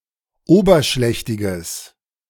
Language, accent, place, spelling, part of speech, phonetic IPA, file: German, Germany, Berlin, oberschlächtiges, adjective, [ˈoːbɐˌʃlɛçtɪɡəs], De-oberschlächtiges.ogg
- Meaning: strong/mixed nominative/accusative neuter singular of oberschlächtig